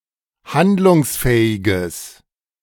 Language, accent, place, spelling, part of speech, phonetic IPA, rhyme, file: German, Germany, Berlin, handlungsfähiges, adjective, [ˈhandlʊŋsˌfɛːɪɡəs], -andlʊŋsfɛːɪɡəs, De-handlungsfähiges.ogg
- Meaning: strong/mixed nominative/accusative neuter singular of handlungsfähig